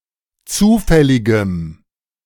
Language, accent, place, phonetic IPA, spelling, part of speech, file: German, Germany, Berlin, [ˈt͡suːfɛlɪɡəm], zufälligem, adjective, De-zufälligem.ogg
- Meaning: strong dative masculine/neuter singular of zufällig